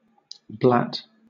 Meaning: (verb) 1. To cry, as a calf, sheep, or goat 2. To make a senseless noise 3. To talk inconsiderately; blab
- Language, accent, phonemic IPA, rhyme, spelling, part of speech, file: English, Southern England, /blæt/, -æt, blat, verb / noun, LL-Q1860 (eng)-blat.wav